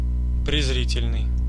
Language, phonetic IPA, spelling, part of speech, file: Russian, [prʲɪzˈrʲitʲɪlʲnɨj], презрительный, adjective, Ru-презрительный.ogg
- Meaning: contemptuous, scornful, disdainful (showing contempt)